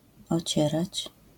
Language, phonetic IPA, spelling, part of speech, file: Polish, [ɔˈt͡ɕɛrat͡ɕ], ocierać, verb, LL-Q809 (pol)-ocierać.wav